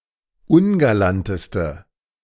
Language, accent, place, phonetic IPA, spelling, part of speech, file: German, Germany, Berlin, [ˈʊnɡalantəstə], ungalanteste, adjective, De-ungalanteste.ogg
- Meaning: inflection of ungalant: 1. strong/mixed nominative/accusative feminine singular superlative degree 2. strong nominative/accusative plural superlative degree